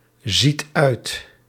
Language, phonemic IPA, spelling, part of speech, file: Dutch, /ˈzit ˈœyt/, ziet uit, verb, Nl-ziet uit.ogg
- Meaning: inflection of uitzien: 1. second/third-person singular present indicative 2. plural imperative